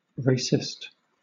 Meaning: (noun) A person who believes in or supports racism; a person who believes that a particular race is superior to others, or who discriminates against other races
- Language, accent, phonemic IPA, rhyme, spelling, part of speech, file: English, Southern England, /ˈɹeɪ.sɪst/, -eɪsɪst, racist, noun / adjective, LL-Q1860 (eng)-racist.wav